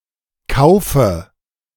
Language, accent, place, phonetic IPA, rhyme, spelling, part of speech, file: German, Germany, Berlin, [ˈkaʊ̯fə], -aʊ̯fə, Kaufe, noun, De-Kaufe.ogg
- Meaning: dative singular of Kauf